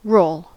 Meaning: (verb) To revolve by turning over and over; to move by turning on a horizontal axis; to impel forward with a revolving motion on a supporting surface
- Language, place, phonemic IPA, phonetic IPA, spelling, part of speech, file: English, California, /ɹoʊl/, [ɹoʊɫ], roll, verb / noun, En-us-roll.ogg